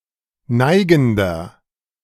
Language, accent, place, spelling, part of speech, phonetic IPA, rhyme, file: German, Germany, Berlin, neigender, adjective, [ˈnaɪ̯ɡn̩dɐ], -aɪ̯ɡn̩dɐ, De-neigender.ogg
- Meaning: inflection of neigend: 1. strong/mixed nominative masculine singular 2. strong genitive/dative feminine singular 3. strong genitive plural